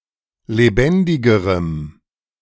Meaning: strong dative masculine/neuter singular comparative degree of lebendig
- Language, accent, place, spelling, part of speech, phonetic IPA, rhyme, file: German, Germany, Berlin, lebendigerem, adjective, [leˈbɛndɪɡəʁəm], -ɛndɪɡəʁəm, De-lebendigerem.ogg